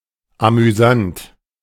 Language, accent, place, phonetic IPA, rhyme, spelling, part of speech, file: German, Germany, Berlin, [amyˈzant], -ant, amüsant, adjective, De-amüsant.ogg
- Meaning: amusing, fun